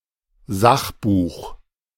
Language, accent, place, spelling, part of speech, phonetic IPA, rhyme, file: German, Germany, Berlin, Sachbuch, noun, [ˈzaxˌbuːx], -axbuːx, De-Sachbuch.ogg
- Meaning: non-fiction (book)